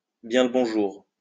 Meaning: greetings!
- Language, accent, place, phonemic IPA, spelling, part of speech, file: French, France, Lyon, /bjɛ̃ l(ə) bɔ̃.ʒuʁ/, bien le bonjour, interjection, LL-Q150 (fra)-bien le bonjour.wav